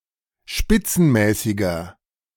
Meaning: 1. comparative degree of spitzenmäßig 2. inflection of spitzenmäßig: strong/mixed nominative masculine singular 3. inflection of spitzenmäßig: strong genitive/dative feminine singular
- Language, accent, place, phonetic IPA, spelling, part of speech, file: German, Germany, Berlin, [ˈʃpɪt͡sn̩ˌmɛːsɪɡɐ], spitzenmäßiger, adjective, De-spitzenmäßiger.ogg